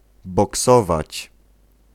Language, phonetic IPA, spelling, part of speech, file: Polish, [bɔˈksɔvat͡ɕ], boksować, verb, Pl-boksować.ogg